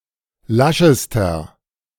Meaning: inflection of lasch: 1. strong/mixed nominative masculine singular superlative degree 2. strong genitive/dative feminine singular superlative degree 3. strong genitive plural superlative degree
- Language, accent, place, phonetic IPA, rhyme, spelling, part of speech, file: German, Germany, Berlin, [ˈlaʃəstɐ], -aʃəstɐ, laschester, adjective, De-laschester.ogg